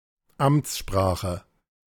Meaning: official language
- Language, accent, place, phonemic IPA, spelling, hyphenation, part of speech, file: German, Germany, Berlin, /ˈamt͡sˌʃpʁaːxə/, Amtssprache, Amts‧spra‧che, noun, De-Amtssprache.ogg